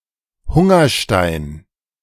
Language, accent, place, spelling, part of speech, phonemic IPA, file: German, Germany, Berlin, Hungerstein, noun, /ˈhʊŋɐˌʃtaɪ̯n/, De-Hungerstein.ogg
- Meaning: hunger stone